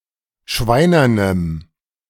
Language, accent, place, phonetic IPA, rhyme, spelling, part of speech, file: German, Germany, Berlin, [ˈʃvaɪ̯nɐnəm], -aɪ̯nɐnəm, schweinernem, adjective, De-schweinernem.ogg
- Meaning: strong dative masculine/neuter singular of schweinern